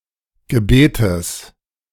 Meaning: genitive singular of Gebet
- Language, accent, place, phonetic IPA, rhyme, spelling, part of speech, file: German, Germany, Berlin, [ɡəˈbeːtəs], -eːtəs, Gebetes, noun, De-Gebetes.ogg